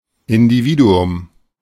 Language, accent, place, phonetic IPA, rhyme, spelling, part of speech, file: German, Germany, Berlin, [ɪndiˈviːduʊm], -iːduʊm, Individuum, noun, De-Individuum.ogg
- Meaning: individual